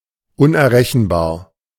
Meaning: incalculable
- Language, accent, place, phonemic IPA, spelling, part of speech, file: German, Germany, Berlin, /ʊnʔɛɐ̯ˈʁɛçn̩baːɐ̯/, unerrechenbar, adjective, De-unerrechenbar.ogg